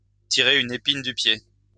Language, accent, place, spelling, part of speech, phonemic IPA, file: French, France, Lyon, tirer une épine du pied, verb, /ti.ʁe yn e.pin dy pje/, LL-Q150 (fra)-tirer une épine du pied.wav
- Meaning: to get out of a tight spot, to help out of a jam; to take a weight off someone's shoulders; to be a relief